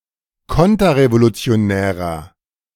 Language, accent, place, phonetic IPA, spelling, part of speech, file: German, Germany, Berlin, [ˈkɔntɐʁevolut͡si̯oˌnɛːʁɐ], konterrevolutionärer, adjective, De-konterrevolutionärer.ogg
- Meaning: inflection of konterrevolutionär: 1. strong/mixed nominative masculine singular 2. strong genitive/dative feminine singular 3. strong genitive plural